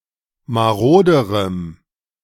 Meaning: strong dative masculine/neuter singular comparative degree of marode
- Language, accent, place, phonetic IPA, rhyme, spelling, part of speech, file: German, Germany, Berlin, [maˈʁoːdəʁəm], -oːdəʁəm, maroderem, adjective, De-maroderem.ogg